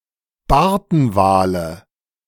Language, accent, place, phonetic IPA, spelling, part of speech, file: German, Germany, Berlin, [ˈbaʁtn̩ˌvaːlə], Bartenwale, noun, De-Bartenwale.ogg
- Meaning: nominative/accusative/genitive plural of Bartenwal